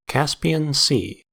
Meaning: A landlocked sea (properly a saline lake) between Eastern Europe and Asia, and the Earth’s largest inland body of water
- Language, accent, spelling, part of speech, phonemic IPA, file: English, US, Caspian Sea, proper noun, /ˈkæspi.ən ˈsiː/, En-us-Caspian Sea.ogg